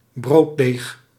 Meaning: bread dough (dough intended for baking bread)
- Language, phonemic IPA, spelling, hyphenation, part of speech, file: Dutch, /ˈbroː.deːx/, brooddeeg, brood‧deeg, noun, Nl-brooddeeg.ogg